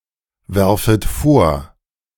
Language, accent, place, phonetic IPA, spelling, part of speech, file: German, Germany, Berlin, [ˌvɛʁfət ˈfoːɐ̯], werfet vor, verb, De-werfet vor.ogg
- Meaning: second-person plural subjunctive I of vorwerfen